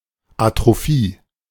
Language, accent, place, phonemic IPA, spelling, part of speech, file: German, Germany, Berlin, /atʁoˈfiː/, Atrophie, noun, De-Atrophie.ogg
- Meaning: atrophy (reduced functionality of an organ)